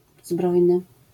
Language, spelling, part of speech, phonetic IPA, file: Polish, zbrojny, adjective / noun, [ˈzbrɔjnɨ], LL-Q809 (pol)-zbrojny.wav